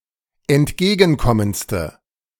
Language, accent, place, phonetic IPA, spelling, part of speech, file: German, Germany, Berlin, [ɛntˈɡeːɡn̩ˌkɔmənt͡stə], entgegenkommendste, adjective, De-entgegenkommendste.ogg
- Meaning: inflection of entgegenkommend: 1. strong/mixed nominative/accusative feminine singular superlative degree 2. strong nominative/accusative plural superlative degree